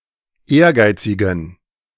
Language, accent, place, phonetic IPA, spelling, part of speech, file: German, Germany, Berlin, [ˈeːɐ̯ˌɡaɪ̯t͡sɪɡn̩], ehrgeizigen, adjective, De-ehrgeizigen.ogg
- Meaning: inflection of ehrgeizig: 1. strong genitive masculine/neuter singular 2. weak/mixed genitive/dative all-gender singular 3. strong/weak/mixed accusative masculine singular 4. strong dative plural